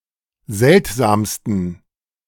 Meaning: 1. superlative degree of seltsam 2. inflection of seltsam: strong genitive masculine/neuter singular superlative degree
- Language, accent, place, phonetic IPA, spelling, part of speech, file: German, Germany, Berlin, [ˈzɛltzaːmstn̩], seltsamsten, adjective, De-seltsamsten.ogg